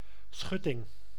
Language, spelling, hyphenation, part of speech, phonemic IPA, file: Dutch, schutting, schut‧ting, noun, /ˈsxʏ.tɪŋ/, Nl-schutting.ogg
- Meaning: a (usually wooden) solid, or nearly solid, barrier separating two pieces of land; fence